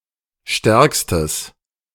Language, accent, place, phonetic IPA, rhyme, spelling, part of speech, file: German, Germany, Berlin, [ˈʃtɛʁkstəs], -ɛʁkstəs, stärkstes, adjective, De-stärkstes.ogg
- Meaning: strong/mixed nominative/accusative neuter singular superlative degree of stark